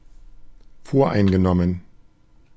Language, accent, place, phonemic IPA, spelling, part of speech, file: German, Germany, Berlin, /ˈfoːɐ̯ʔaɪ̯nɡəˌnɔmən/, voreingenommen, adjective, De-voreingenommen.ogg
- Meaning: prejudicial